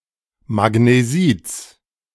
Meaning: genitive singular of Magnesit
- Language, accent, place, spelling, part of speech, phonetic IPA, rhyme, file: German, Germany, Berlin, Magnesits, noun, [maɡneˈziːt͡s], -iːt͡s, De-Magnesits.ogg